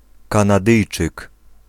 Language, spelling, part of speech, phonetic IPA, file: Polish, Kanadyjczyk, noun, [ˌkãnaˈdɨjt͡ʃɨk], Pl-Kanadyjczyk.ogg